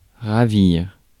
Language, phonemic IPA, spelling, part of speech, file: French, /ʁa.viʁ/, ravir, verb, Fr-ravir.ogg
- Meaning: 1. to ravish (to seize by force) 2. to ravish, delight or thrill (transport with joy) 3. to charm, bewitch, dazzle or fascinate 4. to plunder, rob or loot 5. to kidnap or abduct